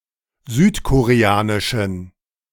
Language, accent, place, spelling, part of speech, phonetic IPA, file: German, Germany, Berlin, südkoreanischen, adjective, [ˈzyːtkoʁeˌaːnɪʃn̩], De-südkoreanischen.ogg
- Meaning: inflection of südkoreanisch: 1. strong genitive masculine/neuter singular 2. weak/mixed genitive/dative all-gender singular 3. strong/weak/mixed accusative masculine singular 4. strong dative plural